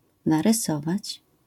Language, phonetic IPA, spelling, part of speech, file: Polish, [ˌnarɨˈsɔvat͡ɕ], narysować, verb, LL-Q809 (pol)-narysować.wav